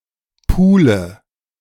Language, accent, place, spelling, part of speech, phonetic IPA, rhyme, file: German, Germany, Berlin, pule, verb, [ˈpuːlə], -uːlə, De-pule.ogg
- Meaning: inflection of pulen: 1. first-person singular present 2. first/third-person singular subjunctive I 3. singular imperative